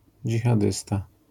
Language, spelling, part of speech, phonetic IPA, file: Polish, dżihadysta, noun, [ˌd͡ʒʲixaˈdɨsta], LL-Q809 (pol)-dżihadysta.wav